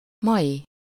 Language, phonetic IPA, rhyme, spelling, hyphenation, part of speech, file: Hungarian, [ˈmɒji], -ji, mai, mai, adjective, Hu-mai.ogg
- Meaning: of today, today's